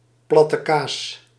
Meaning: the soft creamy cheese quark
- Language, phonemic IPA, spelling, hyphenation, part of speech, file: Dutch, /ˌplɑ.təˈkaːs/, plattekaas, plat‧te‧kaas, noun, Nl-plattekaas.ogg